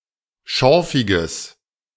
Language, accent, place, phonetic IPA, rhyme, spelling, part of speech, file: German, Germany, Berlin, [ˈʃɔʁfɪɡəs], -ɔʁfɪɡəs, schorfiges, adjective, De-schorfiges.ogg
- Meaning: strong/mixed nominative/accusative neuter singular of schorfig